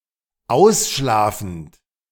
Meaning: present participle of ausschlafen
- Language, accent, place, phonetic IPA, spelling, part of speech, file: German, Germany, Berlin, [ˈaʊ̯sˌʃlaːfn̩t], ausschlafend, verb, De-ausschlafend.ogg